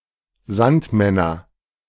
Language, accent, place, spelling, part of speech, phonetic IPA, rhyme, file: German, Germany, Berlin, Sandmänner, noun, [ˈzantˌmɛnɐ], -antmɛnɐ, De-Sandmänner.ogg
- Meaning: nominative/accusative/genitive plural of Sandmann